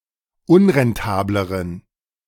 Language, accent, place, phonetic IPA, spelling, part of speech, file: German, Germany, Berlin, [ˈʊnʁɛnˌtaːbləʁən], unrentableren, adjective, De-unrentableren.ogg
- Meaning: inflection of unrentabel: 1. strong genitive masculine/neuter singular comparative degree 2. weak/mixed genitive/dative all-gender singular comparative degree